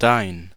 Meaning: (pronoun) genitive singular of du; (determiner) 1. thy, your (esp. to friends, relatives, children, etc.) 2. nominative/accusative neuter singular of dein
- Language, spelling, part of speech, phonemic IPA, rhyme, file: German, dein, pronoun / determiner, /daɪ̯n/, -aɪ̯n, De-dein.ogg